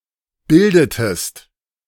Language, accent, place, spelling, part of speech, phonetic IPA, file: German, Germany, Berlin, bildetest, verb, [ˈbɪldətəst], De-bildetest.ogg
- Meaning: inflection of bilden: 1. second-person singular preterite 2. second-person singular subjunctive II